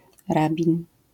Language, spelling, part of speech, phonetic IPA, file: Polish, rabin, noun, [ˈrabʲĩn], LL-Q809 (pol)-rabin.wav